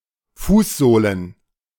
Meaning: plural of Fußsohle
- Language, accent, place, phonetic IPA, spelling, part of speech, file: German, Germany, Berlin, [ˈfuːsˌzoːlən], Fußsohlen, noun, De-Fußsohlen.ogg